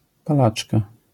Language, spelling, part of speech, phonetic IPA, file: Polish, palaczka, noun, [paˈlat͡ʃka], LL-Q809 (pol)-palaczka.wav